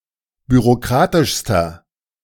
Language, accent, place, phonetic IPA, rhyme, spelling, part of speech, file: German, Germany, Berlin, [byʁoˈkʁaːtɪʃstɐ], -aːtɪʃstɐ, bürokratischster, adjective, De-bürokratischster.ogg
- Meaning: inflection of bürokratisch: 1. strong/mixed nominative masculine singular superlative degree 2. strong genitive/dative feminine singular superlative degree 3. strong genitive plural superlative degree